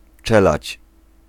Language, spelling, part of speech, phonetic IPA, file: Polish, czeladź, noun, [ˈt͡ʃɛlat͡ɕ], Pl-czeladź.ogg